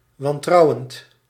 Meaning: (adjective) suspicious; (verb) present participle of wantrouwen
- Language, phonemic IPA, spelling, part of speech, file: Dutch, /wɑnˈtrɑuwənt/, wantrouwend, verb / adjective, Nl-wantrouwend.ogg